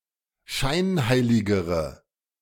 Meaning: inflection of scheinheilig: 1. strong/mixed nominative/accusative feminine singular comparative degree 2. strong nominative/accusative plural comparative degree
- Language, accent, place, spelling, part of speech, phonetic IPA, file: German, Germany, Berlin, scheinheiligere, adjective, [ˈʃaɪ̯nˌhaɪ̯lɪɡəʁə], De-scheinheiligere.ogg